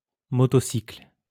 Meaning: motorcycle
- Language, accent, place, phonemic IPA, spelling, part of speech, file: French, France, Lyon, /mɔ.tɔ.sikl/, motocycle, noun, LL-Q150 (fra)-motocycle.wav